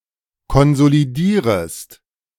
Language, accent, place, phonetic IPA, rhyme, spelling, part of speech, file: German, Germany, Berlin, [kɔnzoliˈdiːʁəst], -iːʁəst, konsolidierest, verb, De-konsolidierest.ogg
- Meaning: second-person singular subjunctive I of konsolidieren